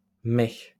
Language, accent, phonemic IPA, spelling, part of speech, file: French, France, /mɛ/, maie, noun, LL-Q150 (fra)-maie.wav
- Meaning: kneading trough